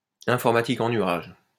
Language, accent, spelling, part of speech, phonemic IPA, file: French, France, informatique en nuage, noun, /ɛ̃.fɔʁ.ma.tik ɑ̃ nɥaʒ/, LL-Q150 (fra)-informatique en nuage.wav
- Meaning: cloud computing